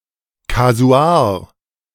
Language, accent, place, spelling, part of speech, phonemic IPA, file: German, Germany, Berlin, Kasuar, noun, /kaˈzu̯aːɐ̯/, De-Kasuar.ogg
- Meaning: cassowary